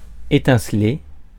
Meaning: 1. to spark (give off sparks) 2. to sparkle, twinkle
- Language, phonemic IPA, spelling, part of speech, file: French, /e.tɛ̃.sle/, étinceler, verb, Fr-étinceler.ogg